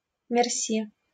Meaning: thank you
- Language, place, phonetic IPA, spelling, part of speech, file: Russian, Saint Petersburg, [mʲɪrˈsʲi], мерси, interjection, LL-Q7737 (rus)-мерси.wav